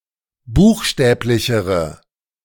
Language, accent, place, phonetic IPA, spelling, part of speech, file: German, Germany, Berlin, [ˈbuːxˌʃtɛːplɪçəʁə], buchstäblichere, adjective, De-buchstäblichere.ogg
- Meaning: inflection of buchstäblich: 1. strong/mixed nominative/accusative feminine singular comparative degree 2. strong nominative/accusative plural comparative degree